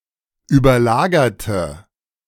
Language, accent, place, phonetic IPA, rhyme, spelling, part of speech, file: German, Germany, Berlin, [yːbɐˈlaːɡɐtə], -aːɡɐtə, überlagerte, adjective / verb, De-überlagerte.ogg
- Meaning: inflection of überlagert: 1. strong/mixed nominative/accusative feminine singular 2. strong nominative/accusative plural 3. weak nominative all-gender singular